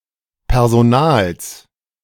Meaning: genitive singular of Personal
- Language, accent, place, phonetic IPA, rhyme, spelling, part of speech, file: German, Germany, Berlin, [pɛʁzoˈnaːls], -aːls, Personals, noun, De-Personals.ogg